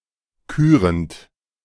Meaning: present participle of küren
- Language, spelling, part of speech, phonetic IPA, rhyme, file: German, kürend, verb, [ˈkyːʁənt], -yːʁənt, De-kürend.oga